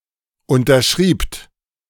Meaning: second-person plural preterite of unterschreiben
- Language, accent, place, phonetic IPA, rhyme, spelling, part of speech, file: German, Germany, Berlin, [ˌʊntɐˈʃʁiːpt], -iːpt, unterschriebt, verb, De-unterschriebt.ogg